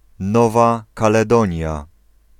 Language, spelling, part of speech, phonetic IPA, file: Polish, Nowa Kaledonia, proper noun, [ˈnɔva ˌkalɛˈdɔ̃ɲja], Pl-Nowa Kaledonia.ogg